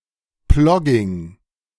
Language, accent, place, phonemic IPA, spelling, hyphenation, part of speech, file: German, Germany, Berlin, /ˈplɔɡɪŋ/, Plogging, Plog‧ging, noun, De-Plogging.ogg
- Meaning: plogging